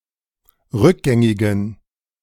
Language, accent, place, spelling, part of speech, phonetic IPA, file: German, Germany, Berlin, rückgängigen, adjective, [ˈʁʏkˌɡɛŋɪɡn̩], De-rückgängigen.ogg
- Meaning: inflection of rückgängig: 1. strong genitive masculine/neuter singular 2. weak/mixed genitive/dative all-gender singular 3. strong/weak/mixed accusative masculine singular 4. strong dative plural